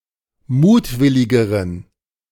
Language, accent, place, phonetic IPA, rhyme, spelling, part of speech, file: German, Germany, Berlin, [ˈmuːtˌvɪlɪɡəʁən], -uːtvɪlɪɡəʁən, mutwilligeren, adjective, De-mutwilligeren.ogg
- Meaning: inflection of mutwillig: 1. strong genitive masculine/neuter singular comparative degree 2. weak/mixed genitive/dative all-gender singular comparative degree